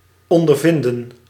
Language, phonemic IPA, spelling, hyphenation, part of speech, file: Dutch, /ˌɔn.dərˈvɪn.də(n)/, ondervinden, on‧der‧vin‧den, verb, Nl-ondervinden.ogg
- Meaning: to experience